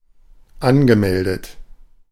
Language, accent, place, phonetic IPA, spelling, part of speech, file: German, Germany, Berlin, [ˈanɡəˌmɛldət], angemeldet, verb, De-angemeldet.ogg
- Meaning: past participle of anmelden